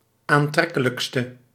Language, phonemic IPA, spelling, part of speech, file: Dutch, /anˈtrɛkələkstə/, aantrekkelijkste, adjective, Nl-aantrekkelijkste.ogg
- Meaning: inflection of aantrekkelijkst, the superlative degree of aantrekkelijk: 1. masculine/feminine singular attributive 2. definite neuter singular attributive 3. plural attributive